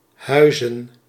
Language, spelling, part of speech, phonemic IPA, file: Dutch, huizen, verb / noun, /ˈhœyzə(n)/, Nl-huizen.ogg
- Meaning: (verb) to live (have permanent residence); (noun) plural of huis